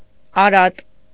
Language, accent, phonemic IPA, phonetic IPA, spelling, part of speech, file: Armenian, Eastern Armenian, /ɑˈɾɑt/, [ɑɾɑ́t], արատ, noun, Hy-արատ.ogg
- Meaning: 1. bodily flaw, defect (in humans) 2. mental flaw, vice 3. flaw, defect (in things) 4. stain, blemish, spot, smear